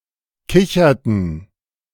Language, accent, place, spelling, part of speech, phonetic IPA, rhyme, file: German, Germany, Berlin, kicherten, verb, [ˈkɪçɐtn̩], -ɪçɐtn̩, De-kicherten.ogg
- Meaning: inflection of kichern: 1. first/third-person plural preterite 2. first/third-person plural subjunctive II